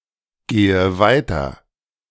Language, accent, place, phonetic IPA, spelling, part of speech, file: German, Germany, Berlin, [ˌɡeːə ˈvaɪ̯tɐ], gehe weiter, verb, De-gehe weiter.ogg
- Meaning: inflection of weitergehen: 1. first-person singular present 2. first/third-person singular subjunctive I 3. singular imperative